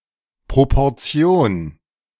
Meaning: proportion
- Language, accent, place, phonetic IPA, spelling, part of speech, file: German, Germany, Berlin, [pʁopɔʁˈt͡si̯oːn], Proportion, noun, De-Proportion.ogg